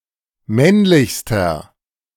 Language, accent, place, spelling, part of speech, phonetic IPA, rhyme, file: German, Germany, Berlin, männlichster, adjective, [ˈmɛnlɪçstɐ], -ɛnlɪçstɐ, De-männlichster.ogg
- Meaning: inflection of männlich: 1. strong/mixed nominative masculine singular superlative degree 2. strong genitive/dative feminine singular superlative degree 3. strong genitive plural superlative degree